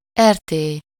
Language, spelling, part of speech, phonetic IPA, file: Hungarian, rt., noun, [ˈɛrteː], Hu-rt.ogg
- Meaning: joint-stock company